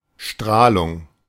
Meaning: radiation, irradiation
- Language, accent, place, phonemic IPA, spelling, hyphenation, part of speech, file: German, Germany, Berlin, /ˈʃtʁaːlʊŋ/, Strahlung, Strah‧lung, noun, De-Strahlung.ogg